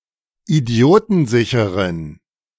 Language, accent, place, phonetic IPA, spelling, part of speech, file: German, Germany, Berlin, [iˈdi̯oːtn̩ˌzɪçəʁən], idiotensicheren, adjective, De-idiotensicheren.ogg
- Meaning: inflection of idiotensicher: 1. strong genitive masculine/neuter singular 2. weak/mixed genitive/dative all-gender singular 3. strong/weak/mixed accusative masculine singular 4. strong dative plural